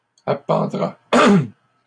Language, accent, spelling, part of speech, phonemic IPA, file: French, Canada, appendra, verb, /a.pɑ̃.dʁa/, LL-Q150 (fra)-appendra.wav
- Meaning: third-person singular simple future of appendre